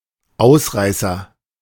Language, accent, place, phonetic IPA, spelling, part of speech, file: German, Germany, Berlin, [ˈaʊ̯sˌʁaɪ̯sɐ], Ausreißer, noun, De-Ausreißer.ogg
- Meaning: agent noun of ausreißen: 1. runaway 2. stray bullet 3. outlier